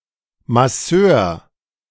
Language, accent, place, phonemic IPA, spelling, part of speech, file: German, Germany, Berlin, /maˈsøːɐ/, Masseur, noun, De-Masseur.ogg
- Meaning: masseur (male or of unspecified gender)